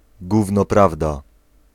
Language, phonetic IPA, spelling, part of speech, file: Polish, [ˈɡuvnɔ ˈpravda], gówno prawda, noun / interjection, Pl-gówno prawda.ogg